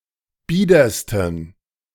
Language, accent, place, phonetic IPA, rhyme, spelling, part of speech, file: German, Germany, Berlin, [ˈbiːdɐstn̩], -iːdɐstn̩, biedersten, adjective, De-biedersten.ogg
- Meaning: 1. superlative degree of bieder 2. inflection of bieder: strong genitive masculine/neuter singular superlative degree